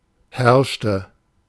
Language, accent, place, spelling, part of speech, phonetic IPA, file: German, Germany, Berlin, herrschte, verb, [ˈhɛʁʃtə], De-herrschte.ogg
- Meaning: inflection of herrschen: 1. first/third-person singular preterite 2. first/third-person singular subjunctive II